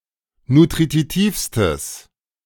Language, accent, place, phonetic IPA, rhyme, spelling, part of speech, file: German, Germany, Berlin, [nutʁiˈtiːfstəs], -iːfstəs, nutritivstes, adjective, De-nutritivstes.ogg
- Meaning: strong/mixed nominative/accusative neuter singular superlative degree of nutritiv